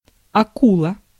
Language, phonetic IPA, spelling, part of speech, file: Russian, [ɐˈkuɫə], акула, noun, Ru-акула.ogg
- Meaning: shark